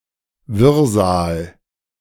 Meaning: chaos, confusion
- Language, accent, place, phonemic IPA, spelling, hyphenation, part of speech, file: German, Germany, Berlin, /ˈvɪʁzaːl/, Wirrsal, Wirr‧sal, noun, De-Wirrsal.ogg